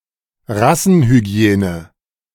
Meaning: eugenics
- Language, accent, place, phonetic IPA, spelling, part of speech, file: German, Germany, Berlin, [ˈʁasn̩hyˌɡi̯eːnə], Rassenhygiene, noun, De-Rassenhygiene.ogg